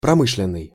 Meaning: industrial
- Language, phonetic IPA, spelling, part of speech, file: Russian, [prɐˈmɨʂlʲɪn(ː)ɨj], промышленный, adjective, Ru-промышленный.ogg